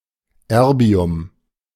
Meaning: erbium
- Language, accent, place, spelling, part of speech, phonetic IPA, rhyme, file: German, Germany, Berlin, Erbium, noun, [ˈɛʁbi̯ʊm], -ɛʁbi̯ʊm, De-Erbium.ogg